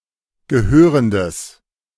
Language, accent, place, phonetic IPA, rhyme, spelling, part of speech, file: German, Germany, Berlin, [ɡəˈhøːʁəndəs], -øːʁəndəs, gehörendes, adjective, De-gehörendes.ogg
- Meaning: strong/mixed nominative/accusative neuter singular of gehörend